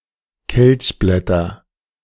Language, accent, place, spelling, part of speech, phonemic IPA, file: German, Germany, Berlin, Kelchblätter, noun, /kɛlçˈblɛtɐ/, De-Kelchblätter.ogg
- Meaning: 1. nominative plural of Kelchblatt 2. genitive plural of Kelchblatt 3. accusative plural of Kelchblatt